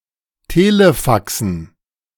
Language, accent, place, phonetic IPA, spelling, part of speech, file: German, Germany, Berlin, [ˈteːləˌfaksn̩], Telefaxen, noun, De-Telefaxen.ogg
- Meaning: dative plural of Telefax